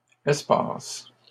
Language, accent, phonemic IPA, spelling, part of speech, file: French, Canada, /ɛs.pas/, espaces, noun / verb, LL-Q150 (fra)-espaces.wav
- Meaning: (noun) plural of espace; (verb) second-person singular present indicative/subjunctive of espacer